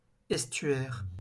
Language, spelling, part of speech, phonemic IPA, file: French, estuaire, noun, /ɛs.tɥɛʁ/, LL-Q150 (fra)-estuaire.wav
- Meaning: estuary